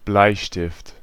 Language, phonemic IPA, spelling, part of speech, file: German, /ˈblaɪ̯ʃtɪft/, Bleistift, noun, De-Bleistift.ogg
- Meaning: pencil (writing utensil with a graphite shaft)